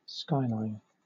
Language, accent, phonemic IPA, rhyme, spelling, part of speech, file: English, Southern England, /ˈskaɪˌlaɪn/, -aɪlaɪn, skyline, noun / verb, LL-Q1860 (eng)-skyline.wav
- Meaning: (noun) 1. The line that seems to be the boundary of the sky and the ground; the horizon 2. The horizontal silhouette of a city or building against the sky